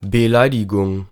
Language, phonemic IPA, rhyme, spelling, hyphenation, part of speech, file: German, /bəˈlaɪ̯dɪɡʊŋ/, -aɪ̯dɪɡʊŋ, Beleidigung, Be‧lei‧di‧gung, noun, De-Beleidigung.ogg
- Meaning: insult (action or speech deliberately intended to be rude)